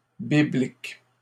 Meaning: biblical (related to the Bible)
- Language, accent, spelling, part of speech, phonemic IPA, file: French, Canada, biblique, adjective, /bi.blik/, LL-Q150 (fra)-biblique.wav